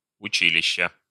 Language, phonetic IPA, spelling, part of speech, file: Russian, [ʊˈt͡ɕilʲɪɕːə], училища, noun, Ru-училища.ogg
- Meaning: inflection of учи́лище (učílišče): 1. genitive singular 2. nominative/accusative plural